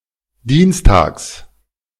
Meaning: genitive singular of Dienstag
- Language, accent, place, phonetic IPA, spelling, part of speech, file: German, Germany, Berlin, [ˈdiːnsˌtaːks], Dienstags, noun, De-Dienstags.ogg